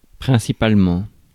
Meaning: mainly, principally
- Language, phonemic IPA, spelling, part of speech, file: French, /pʁɛ̃.si.pal.mɑ̃/, principalement, adverb, Fr-principalement.ogg